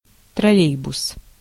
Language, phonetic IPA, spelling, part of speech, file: Russian, [trɐˈlʲejbʊs], троллейбус, noun, Ru-троллейбус.ogg
- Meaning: trolleybus, trolley bus